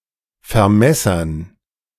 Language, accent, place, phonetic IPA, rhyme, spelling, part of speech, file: German, Germany, Berlin, [fɛɐ̯ˈmɛsɐn], -ɛsɐn, Vermessern, noun, De-Vermessern.ogg
- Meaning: dative plural of Vermesser